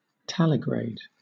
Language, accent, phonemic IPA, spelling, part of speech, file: English, Southern England, /ˈtælɪɡɹeɪd/, taligrade, adjective, LL-Q1860 (eng)-taligrade.wav
- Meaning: Walking on the edge of its feet